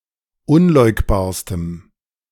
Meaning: strong dative masculine/neuter singular superlative degree of unleugbar
- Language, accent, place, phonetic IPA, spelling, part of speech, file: German, Germany, Berlin, [ˈʊnˌlɔɪ̯kbaːɐ̯stəm], unleugbarstem, adjective, De-unleugbarstem.ogg